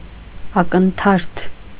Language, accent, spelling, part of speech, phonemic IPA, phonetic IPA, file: Armenian, Eastern Armenian, ակնթարթ, noun, /ɑkənˈtʰɑɾtʰ/, [ɑkəntʰɑ́ɾtʰ], Hy-ակնթարթ.ogg
- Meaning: 1. blink of an eye 2. instant, second